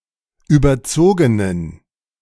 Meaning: inflection of überzogen: 1. strong genitive masculine/neuter singular 2. weak/mixed genitive/dative all-gender singular 3. strong/weak/mixed accusative masculine singular 4. strong dative plural
- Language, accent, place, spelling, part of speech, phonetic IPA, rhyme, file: German, Germany, Berlin, überzogenen, adjective, [ˌyːbɐˈt͡soːɡənən], -oːɡənən, De-überzogenen.ogg